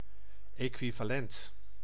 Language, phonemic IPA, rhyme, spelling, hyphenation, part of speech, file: Dutch, /ˌeː.kʋi.vaːˈlɛnt/, -ɛnt, equivalent, equi‧va‧lent, adjective / noun, Nl-equivalent.ogg
- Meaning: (adjective) equivalent